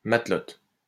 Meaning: 1. matelote 2. female equivalent of matelot
- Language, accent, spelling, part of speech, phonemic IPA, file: French, France, matelote, noun, /mat.lɔt/, LL-Q150 (fra)-matelote.wav